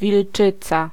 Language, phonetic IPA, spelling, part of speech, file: Polish, [vʲilˈt͡ʃɨt͡sa], wilczyca, noun, Pl-wilczyca.ogg